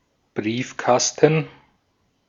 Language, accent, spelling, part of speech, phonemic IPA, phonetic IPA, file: German, Austria, Briefkasten, noun, /ˈbriːfˌkastən/, [ˈbʁiːfˌkas.tn̩], De-at-Briefkasten.ogg
- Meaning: mailbox, letterbox